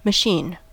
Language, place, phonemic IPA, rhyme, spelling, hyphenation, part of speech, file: English, California, /məˈʃin/, -iːn, machine, ma‧chine, noun / verb, En-us-machine.ogg
- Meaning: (noun) 1. A device that directs and controls energy, often in the form of movement or electricity, to produce a certain effect 2. A vehicle operated mechanically, such as an automobile or an airplane